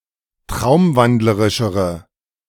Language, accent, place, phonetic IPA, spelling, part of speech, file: German, Germany, Berlin, [ˈtʁaʊ̯mˌvandləʁɪʃəʁə], traumwandlerischere, adjective, De-traumwandlerischere.ogg
- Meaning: inflection of traumwandlerisch: 1. strong/mixed nominative/accusative feminine singular comparative degree 2. strong nominative/accusative plural comparative degree